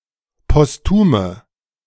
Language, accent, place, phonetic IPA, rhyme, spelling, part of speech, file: German, Germany, Berlin, [pɔsˈtuːmə], -uːmə, postume, adjective, De-postume.ogg
- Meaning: inflection of postum: 1. strong/mixed nominative/accusative feminine singular 2. strong nominative/accusative plural 3. weak nominative all-gender singular 4. weak accusative feminine/neuter singular